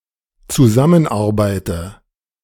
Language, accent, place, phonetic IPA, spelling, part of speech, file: German, Germany, Berlin, [t͡suˈzamənˌʔaʁbaɪ̯tə], zusammenarbeite, verb, De-zusammenarbeite.ogg
- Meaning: inflection of zusammenarbeiten: 1. first-person singular dependent present 2. first/third-person singular dependent subjunctive I